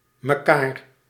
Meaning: each other
- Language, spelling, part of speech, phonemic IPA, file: Dutch, mekaar, pronoun, /məˈkar/, Nl-mekaar.ogg